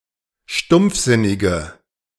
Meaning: inflection of stumpfsinnig: 1. strong/mixed nominative/accusative feminine singular 2. strong nominative/accusative plural 3. weak nominative all-gender singular
- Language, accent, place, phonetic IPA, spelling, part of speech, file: German, Germany, Berlin, [ˈʃtʊmp͡fˌzɪnɪɡə], stumpfsinnige, adjective, De-stumpfsinnige.ogg